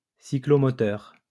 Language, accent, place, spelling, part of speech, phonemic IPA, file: French, France, Lyon, cyclomoteur, noun, /si.klɔ.mɔ.tœʁ/, LL-Q150 (fra)-cyclomoteur.wav
- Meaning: moped